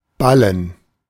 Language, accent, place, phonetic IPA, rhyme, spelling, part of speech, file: German, Germany, Berlin, [ˈbalən], -alən, ballen, verb, De-ballen.ogg
- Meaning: 1. to agglomerate 2. to bale 3. to clench 4. to gather